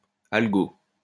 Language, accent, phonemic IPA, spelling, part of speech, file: French, France, /al.ɡo/, algo, noun, LL-Q150 (fra)-algo.wav
- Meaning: 1. clipping of algorithme (“algorithm”) 2. clipping of algorithmique (“algorithmics”)